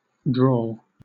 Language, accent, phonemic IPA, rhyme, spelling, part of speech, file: English, Southern England, /dɹɔːl/, -ɔːl, drawl, verb / noun, LL-Q1860 (eng)-drawl.wav
- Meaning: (verb) 1. To drag on slowly and heavily; to dawdle or while away time indolently 2. To utter or pronounce in a dull, spiritless tone, as if by dragging out the utterance